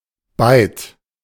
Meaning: byte (binary data unit of eight bits)
- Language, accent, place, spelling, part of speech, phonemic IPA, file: German, Germany, Berlin, Byte, noun, /baɪ̯t/, De-Byte.ogg